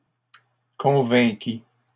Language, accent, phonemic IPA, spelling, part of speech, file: French, Canada, /kɔ̃.vɛ̃.ki/, convainquit, verb, LL-Q150 (fra)-convainquit.wav
- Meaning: third-person singular past historic of convaincre